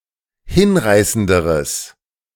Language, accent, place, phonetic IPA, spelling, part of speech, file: German, Germany, Berlin, [ˈhɪnˌʁaɪ̯səndəʁəs], hinreißenderes, adjective, De-hinreißenderes.ogg
- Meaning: strong/mixed nominative/accusative neuter singular comparative degree of hinreißend